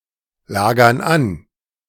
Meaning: inflection of anlagern: 1. first/third-person plural present 2. first/third-person plural subjunctive I
- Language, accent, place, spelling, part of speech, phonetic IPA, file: German, Germany, Berlin, lagern an, verb, [ˌlaːɡɐn ˈan], De-lagern an.ogg